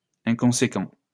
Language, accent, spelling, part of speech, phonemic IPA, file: French, France, inconséquent, adjective, /ɛ̃.kɔ̃.se.kɑ̃/, LL-Q150 (fra)-inconséquent.wav
- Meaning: 1. inconsistent 2. thoughtless